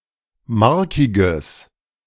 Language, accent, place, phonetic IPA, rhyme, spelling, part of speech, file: German, Germany, Berlin, [ˈmaʁkɪɡəs], -aʁkɪɡəs, markiges, adjective, De-markiges.ogg
- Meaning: strong/mixed nominative/accusative neuter singular of markig